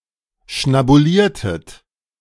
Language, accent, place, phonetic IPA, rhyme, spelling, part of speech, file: German, Germany, Berlin, [ʃnabuˈliːɐ̯tət], -iːɐ̯tət, schnabuliertet, verb, De-schnabuliertet.ogg
- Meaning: inflection of schnabulieren: 1. second-person plural preterite 2. second-person plural subjunctive II